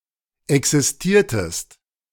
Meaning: inflection of existieren: 1. second-person singular preterite 2. second-person singular subjunctive II
- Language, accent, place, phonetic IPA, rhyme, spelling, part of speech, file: German, Germany, Berlin, [ˌɛksɪsˈtiːɐ̯təst], -iːɐ̯təst, existiertest, verb, De-existiertest.ogg